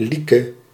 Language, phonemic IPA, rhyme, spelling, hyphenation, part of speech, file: Dutch, /ˈli.kə/, -ikə, Lieke, Lie‧ke, proper noun, Nl-Lieke.ogg
- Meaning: a female given name